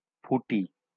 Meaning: melon
- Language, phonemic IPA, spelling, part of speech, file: Bengali, /pʰuʈi/, ফুটি, noun, LL-Q9610 (ben)-ফুটি.wav